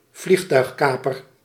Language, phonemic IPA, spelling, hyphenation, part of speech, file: Dutch, /ˈvlix.tœy̯xˌkaː.pər/, vliegtuigkaper, vlieg‧tuig‧ka‧per, noun, Nl-vliegtuigkaper.ogg
- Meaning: an aeroplane hijacker